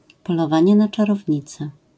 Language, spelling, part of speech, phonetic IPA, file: Polish, polowanie na czarownice, phrase, [ˌpɔlɔˈvãɲɛ ˌna‿t͡ʃarɔvʲˈɲit͡sɛ], LL-Q809 (pol)-polowanie na czarownice.wav